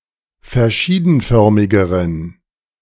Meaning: inflection of verschiedenförmig: 1. strong genitive masculine/neuter singular comparative degree 2. weak/mixed genitive/dative all-gender singular comparative degree
- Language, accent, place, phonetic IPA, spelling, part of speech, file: German, Germany, Berlin, [fɛɐ̯ˈʃiːdn̩ˌfœʁmɪɡəʁən], verschiedenförmigeren, adjective, De-verschiedenförmigeren.ogg